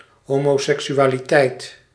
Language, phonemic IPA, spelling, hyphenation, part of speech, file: Dutch, /ˌɦoː.moː.sɛk.sy.aː.liˈtɛi̯t/, homoseksualiteit, ho‧mo‧sek‧su‧a‧li‧teit, noun, Nl-homoseksualiteit.ogg
- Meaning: homosexuality